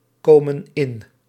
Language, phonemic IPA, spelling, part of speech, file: Dutch, /ˈkomə(n) ˈɪn/, komen in, verb, Nl-komen in.ogg
- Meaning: inflection of inkomen: 1. plural present indicative 2. plural present subjunctive